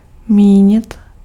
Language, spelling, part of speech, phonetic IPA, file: Czech, mínit, verb, [ˈmiːɲɪt], Cs-mínit.ogg
- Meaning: 1. to intend 2. to think, to opine, to be of the opinion that 3. to mean